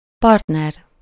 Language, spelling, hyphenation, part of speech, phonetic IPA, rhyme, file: Hungarian, partner, part‧ner, noun, [ˈpɒrtnɛr], -ɛr, Hu-partner.ogg
- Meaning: partner